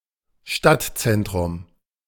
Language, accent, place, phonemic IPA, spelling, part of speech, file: German, Germany, Berlin, /ˈʃtatˌtsɛntʁʊm/, Stadtzentrum, noun, De-Stadtzentrum.ogg
- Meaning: 1. city centre 2. downtown, city hub